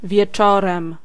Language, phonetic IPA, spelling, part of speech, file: Polish, [vʲjɛˈt͡ʃɔrɛ̃m], wieczorem, adverb / noun, Pl-wieczorem.ogg